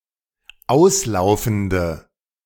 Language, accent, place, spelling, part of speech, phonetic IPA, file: German, Germany, Berlin, auslaufende, adjective, [ˈaʊ̯sˌlaʊ̯fn̩də], De-auslaufende.ogg
- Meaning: inflection of auslaufend: 1. strong/mixed nominative/accusative feminine singular 2. strong nominative/accusative plural 3. weak nominative all-gender singular